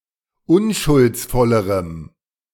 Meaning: strong dative masculine/neuter singular comparative degree of unschuldsvoll
- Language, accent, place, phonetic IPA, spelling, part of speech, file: German, Germany, Berlin, [ˈʊnʃʊlt͡sˌfɔləʁəm], unschuldsvollerem, adjective, De-unschuldsvollerem.ogg